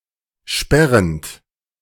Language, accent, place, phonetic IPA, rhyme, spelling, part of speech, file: German, Germany, Berlin, [ˈʃpɛʁənt], -ɛʁənt, sperrend, verb, De-sperrend.ogg
- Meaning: present participle of sperren